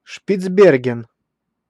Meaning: Svalbard, Spitsbergen (an archipelago, territory, and unincorporated area of Norway northeast of Greenland, in the Arctic Ocean)
- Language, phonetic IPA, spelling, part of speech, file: Russian, [ʂpʲɪd͡zˈbʲerɡʲɪn], Шпицберген, proper noun, Ru-Шпицберген.ogg